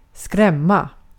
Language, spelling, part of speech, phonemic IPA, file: Swedish, skrämma, verb, /²skrɛma/, Sv-skrämma.ogg
- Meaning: to scare, to frighten